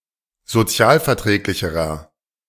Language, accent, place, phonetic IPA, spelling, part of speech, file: German, Germany, Berlin, [zoˈt͡si̯aːlfɛɐ̯ˌtʁɛːklɪçəʁɐ], sozialverträglicherer, adjective, De-sozialverträglicherer.ogg
- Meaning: inflection of sozialverträglich: 1. strong/mixed nominative masculine singular comparative degree 2. strong genitive/dative feminine singular comparative degree